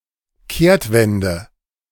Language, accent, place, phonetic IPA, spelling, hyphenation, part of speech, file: German, Germany, Berlin, [ˈkeːɐ̯tˌvɛndə], Kehrtwende, Kehrt‧wen‧de, noun, De-Kehrtwende.ogg
- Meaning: U-turn, about-face